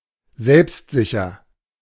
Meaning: self-confident
- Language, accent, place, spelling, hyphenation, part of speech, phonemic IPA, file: German, Germany, Berlin, selbstsicher, selbst‧si‧cher, adjective, /ˈzɛlpstˌzɪçɐ/, De-selbstsicher.ogg